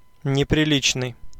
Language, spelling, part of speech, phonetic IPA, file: Russian, неприличный, adjective, [nʲɪprʲɪˈlʲit͡ɕnɨj], Ru-неприличный.ogg
- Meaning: indecent, improper, unbecoming, indecorous, unseemly